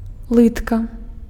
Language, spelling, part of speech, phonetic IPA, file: Belarusian, лытка, noun, [ˈɫɨtka], Be-лытка.ogg
- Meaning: calf (back of the leg below the knee)